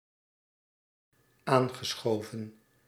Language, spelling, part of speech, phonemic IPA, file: Dutch, aangeschoven, verb, /ˈaŋɣəˌsxovə(n)/, Nl-aangeschoven.ogg
- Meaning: past participle of aanschuiven